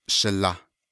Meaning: 1. my older brother, my older sister (of the opposite gender) 2. my older maternal cousin (of the opposite gender) 3. A respectful greeting for anyone of the opposite gender and similar age
- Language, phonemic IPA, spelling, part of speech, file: Navajo, /ʃɪ̀lɑ̀h/, shilah, noun, Nv-shilah.ogg